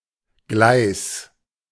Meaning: 1. railway (track on which trains run) 2. track
- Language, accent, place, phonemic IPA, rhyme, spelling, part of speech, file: German, Germany, Berlin, /ɡlaɪ̯s/, -aɪ̯s, Gleis, noun, De-Gleis.ogg